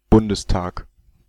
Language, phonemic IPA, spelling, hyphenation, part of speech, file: German, /ˈbʊndəsˌtaːk/, Bundestag, Bun‧des‧tag, noun, De-Bundestag.ogg
- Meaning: Bundestag; federal/state parliament